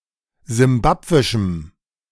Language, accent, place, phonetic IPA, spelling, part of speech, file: German, Germany, Berlin, [zɪmˈbapvɪʃm̩], simbabwischem, adjective, De-simbabwischem.ogg
- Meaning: strong dative masculine/neuter singular of simbabwisch